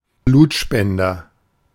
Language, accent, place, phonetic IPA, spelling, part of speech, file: German, Germany, Berlin, [ˈbluːtˌʃpɛndɐ], Blutspender, noun, De-Blutspender.ogg
- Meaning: blood donor